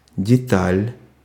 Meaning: 1. detail, nicety 2. minutiae 3. part, component
- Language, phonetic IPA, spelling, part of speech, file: Russian, [dʲɪˈtalʲ], деталь, noun, Ru-деталь.ogg